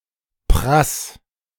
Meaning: 1. singular imperative of prassen 2. first-person singular present of prassen
- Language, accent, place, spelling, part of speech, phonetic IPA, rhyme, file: German, Germany, Berlin, prass, verb, [pʁas], -as, De-prass.ogg